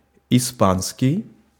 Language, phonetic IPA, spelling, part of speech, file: Russian, [ɪˈspanskʲɪj], испанский, adjective, Ru-испанский.ogg
- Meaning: Spanish